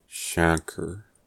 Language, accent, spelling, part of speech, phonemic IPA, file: English, US, chancre, noun, /ˈʃæŋ.kɚ/, En-us-chancre.ogg
- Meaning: Skin lesion, sometimes associated with certain contagious diseases such as syphilis